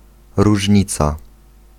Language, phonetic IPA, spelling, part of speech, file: Polish, [ruʒʲˈɲit͡sa], różnica, noun, Pl-różnica.ogg